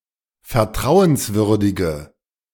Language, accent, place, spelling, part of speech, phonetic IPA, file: German, Germany, Berlin, vertrauenswürdige, adjective, [fɛɐ̯ˈtʁaʊ̯ənsˌvʏʁdɪɡə], De-vertrauenswürdige.ogg
- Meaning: inflection of vertrauenswürdig: 1. strong/mixed nominative/accusative feminine singular 2. strong nominative/accusative plural 3. weak nominative all-gender singular